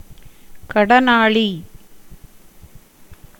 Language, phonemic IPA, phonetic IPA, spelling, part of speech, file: Tamil, /kɐɖɐnɑːɭiː/, [kɐɖɐnäːɭiː], கடனாளி, noun, Ta-கடனாளி.ogg
- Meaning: debtor